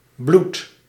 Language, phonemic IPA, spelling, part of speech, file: Dutch, /blut/, bloedt, verb, Nl-bloedt.ogg
- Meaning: inflection of bloeden: 1. second/third-person singular present indicative 2. plural imperative